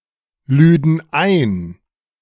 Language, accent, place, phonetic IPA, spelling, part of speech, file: German, Germany, Berlin, [ˌlyːdn̩ ˈaɪ̯n], lüden ein, verb, De-lüden ein.ogg
- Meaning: first/third-person plural subjunctive II of einladen